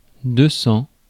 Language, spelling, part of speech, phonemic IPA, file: French, deux-cents, numeral, /dø.sɑ̃/, Fr-deux-cents.ogg
- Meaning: two hundred